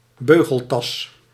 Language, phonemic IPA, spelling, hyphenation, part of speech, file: Dutch, /ˈbøː.ɣəlˌtɑs/, beugeltas, beu‧gel‧tas, noun, Nl-beugeltas.ogg
- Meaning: buckle bag